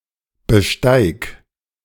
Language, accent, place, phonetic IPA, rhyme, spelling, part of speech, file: German, Germany, Berlin, [bəˈʃtaɪ̯k], -aɪ̯k, besteig, verb, De-besteig.ogg
- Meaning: singular imperative of besteigen